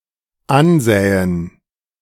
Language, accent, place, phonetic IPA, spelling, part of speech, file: German, Germany, Berlin, [ˈanˌzɛːən], ansähen, verb, De-ansähen.ogg
- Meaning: first/third-person plural dependent subjunctive II of ansehen